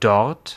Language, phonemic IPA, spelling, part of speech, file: German, /dɔʁt/, dort, adverb, De-dort.ogg
- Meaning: there, yonder